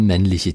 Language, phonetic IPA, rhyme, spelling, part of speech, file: German, [ˈmɛnlɪçə], -ɛnlɪçə, männliche, adjective, De-männliche.ogg
- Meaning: inflection of männlich: 1. strong/mixed nominative/accusative feminine singular 2. strong nominative/accusative plural 3. weak nominative all-gender singular